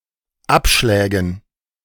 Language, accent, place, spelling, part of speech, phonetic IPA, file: German, Germany, Berlin, Abschlägen, noun, [ˈapʃlɛːɡn̩], De-Abschlägen.ogg
- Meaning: dative plural of Abschlag